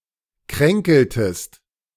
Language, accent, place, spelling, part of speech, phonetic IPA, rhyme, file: German, Germany, Berlin, kränkeltest, verb, [ˈkʁɛŋkl̩təst], -ɛŋkl̩təst, De-kränkeltest.ogg
- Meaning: inflection of kränkeln: 1. second-person singular preterite 2. second-person singular subjunctive II